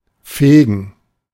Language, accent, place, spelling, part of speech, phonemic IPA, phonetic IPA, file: German, Germany, Berlin, fegen, verb, /ˈfeːɡn̩/, [ˈfeːɡŋ̍], De-fegen.ogg
- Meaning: 1. to sweep (to clean with a broom) 2. to sweep (to clean with a broom): to sweep (to displace material with a broom)